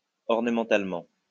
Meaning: ornamentally
- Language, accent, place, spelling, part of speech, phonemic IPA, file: French, France, Lyon, ornementalement, adverb, /ɔʁ.nə.mɑ̃.tal.mɑ̃/, LL-Q150 (fra)-ornementalement.wav